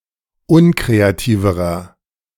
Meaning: inflection of unkreativ: 1. strong/mixed nominative masculine singular comparative degree 2. strong genitive/dative feminine singular comparative degree 3. strong genitive plural comparative degree
- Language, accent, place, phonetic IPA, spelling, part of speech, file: German, Germany, Berlin, [ˈʊnkʁeaˌtiːvəʁɐ], unkreativerer, adjective, De-unkreativerer.ogg